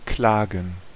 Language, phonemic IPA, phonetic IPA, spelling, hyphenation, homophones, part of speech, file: German, /ˈklaːɡən/, [ˈklaːɡŋ̩], klagen, kla‧gen, Klagen, verb, De-klagen.ogg
- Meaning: 1. to complain (to express feelings of pain, dissatisfaction, or resentment) 2. to wail, lament 3. to sue 4. to sue someone